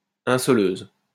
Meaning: platesetter
- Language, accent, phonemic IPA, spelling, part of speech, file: French, France, /ɛ̃.sɔ.løz/, insoleuse, noun, LL-Q150 (fra)-insoleuse.wav